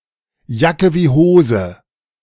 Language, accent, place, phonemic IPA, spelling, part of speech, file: German, Germany, Berlin, /ˈjakə vi ˈhoːzə/, Jacke wie Hose, phrase, De-Jacke wie Hose.ogg
- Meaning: six of one, half a dozen of the other, all the same